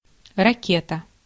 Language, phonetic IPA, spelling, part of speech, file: Russian, [rɐˈkʲetə], ракета, noun, Ru-ракета.ogg
- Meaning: 1. rocket (vehicle propelled by a rocket engine) 2. missile (self-propelled military projectile with an adjustable trajectory) 3. flare, signal rocket 4. Raketa hydrofoil